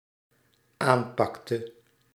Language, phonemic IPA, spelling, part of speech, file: Dutch, /ˈampɑktə/, aanpakte, verb, Nl-aanpakte.ogg
- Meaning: inflection of aanpakken: 1. singular dependent-clause past indicative 2. singular dependent-clause past subjunctive